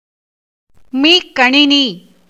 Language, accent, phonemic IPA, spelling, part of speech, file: Tamil, India, /miːkːɐɳɪniː/, மீக்கணினி, noun, Ta-மீக்கணினி.ogg
- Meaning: supercomputer